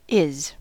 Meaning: 1. third-person singular simple present indicative of be 2. Used in phrases with existential there (also here and where) when the semantic subject is plural 3. present indicative of be; am, are, is
- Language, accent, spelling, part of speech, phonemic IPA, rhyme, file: English, US, is, verb, /ɪz/, -ɪz, En-us-is.ogg